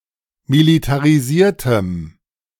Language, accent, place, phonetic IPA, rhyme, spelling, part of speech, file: German, Germany, Berlin, [militaʁiˈziːɐ̯təm], -iːɐ̯təm, militarisiertem, adjective, De-militarisiertem.ogg
- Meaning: strong dative masculine/neuter singular of militarisiert